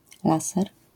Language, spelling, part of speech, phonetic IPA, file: Polish, laser, noun, [ˈlasɛr], LL-Q809 (pol)-laser.wav